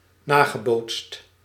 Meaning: past participle of nabootsen
- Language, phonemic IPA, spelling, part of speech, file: Dutch, /ˈnaː.ɣə.boːtst/, nagebootst, verb, Nl-nagebootst.ogg